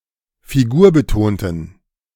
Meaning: inflection of figurbetont: 1. strong genitive masculine/neuter singular 2. weak/mixed genitive/dative all-gender singular 3. strong/weak/mixed accusative masculine singular 4. strong dative plural
- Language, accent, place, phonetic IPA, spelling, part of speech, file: German, Germany, Berlin, [fiˈɡuːɐ̯bəˌtoːntn̩], figurbetonten, adjective, De-figurbetonten.ogg